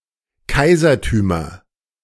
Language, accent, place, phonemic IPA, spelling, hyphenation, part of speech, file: German, Germany, Berlin, /ˈkaɪ̯zɐˌtyːmɐ/, Kaisertümer, Kai‧ser‧tü‧mer, noun, De-Kaisertümer.ogg
- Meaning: nominative/accusative/genitive plural of Kaisertum